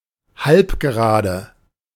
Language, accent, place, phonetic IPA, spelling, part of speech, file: German, Germany, Berlin, [ˈhalpɡəˌʁaːdə], Halbgerade, noun, De-Halbgerade.ogg
- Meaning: ray, half-line